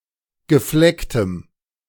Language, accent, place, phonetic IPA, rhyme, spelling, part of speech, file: German, Germany, Berlin, [ɡəˈflɛktəm], -ɛktəm, geflecktem, adjective, De-geflecktem.ogg
- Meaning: strong dative masculine/neuter singular of gefleckt